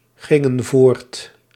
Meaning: inflection of voortgaan: 1. plural past indicative 2. plural past subjunctive
- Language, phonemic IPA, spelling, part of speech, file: Dutch, /ˈɣɪŋə(n) ˈvort/, gingen voort, verb, Nl-gingen voort.ogg